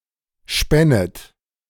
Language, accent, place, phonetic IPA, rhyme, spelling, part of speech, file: German, Germany, Berlin, [ˈʃpɛnət], -ɛnət, spännet, verb, De-spännet.ogg
- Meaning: second-person plural subjunctive II of spinnen